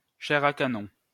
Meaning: cannon fodder
- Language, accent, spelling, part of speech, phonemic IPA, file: French, France, chair à canon, noun, /ʃɛ.ʁ‿a ka.nɔ̃/, LL-Q150 (fra)-chair à canon.wav